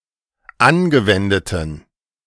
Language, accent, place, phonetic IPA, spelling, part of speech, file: German, Germany, Berlin, [ˈanɡəˌvɛndətn̩], angewendeten, adjective, De-angewendeten.ogg
- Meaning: inflection of angewendet: 1. strong genitive masculine/neuter singular 2. weak/mixed genitive/dative all-gender singular 3. strong/weak/mixed accusative masculine singular 4. strong dative plural